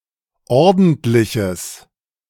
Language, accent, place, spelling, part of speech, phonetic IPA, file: German, Germany, Berlin, ordentliches, adjective, [ˈɔʁdn̩tlɪçəs], De-ordentliches.ogg
- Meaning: strong/mixed nominative/accusative neuter singular of ordentlich